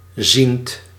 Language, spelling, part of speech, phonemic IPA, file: Dutch, ziend, adjective / verb, /zint/, Nl-ziend.ogg
- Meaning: present participle of zien